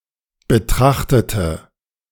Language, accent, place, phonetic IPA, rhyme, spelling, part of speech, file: German, Germany, Berlin, [bəˈtʁaxtətə], -axtətə, betrachtete, adjective / verb, De-betrachtete.ogg
- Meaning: inflection of betrachtet: 1. strong/mixed nominative/accusative feminine singular 2. strong nominative/accusative plural 3. weak nominative all-gender singular